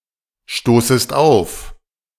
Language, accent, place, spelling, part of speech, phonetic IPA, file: German, Germany, Berlin, stoßest auf, verb, [ˌʃtoːsəst ˈaʊ̯f], De-stoßest auf.ogg
- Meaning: second-person singular subjunctive I of aufstoßen